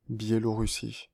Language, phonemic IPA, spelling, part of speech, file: French, /bje.lɔ.ʁy.si/, Biélorussie, proper noun, Fr-Biélorussie.ogg
- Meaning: Belarus (a country in Eastern Europe)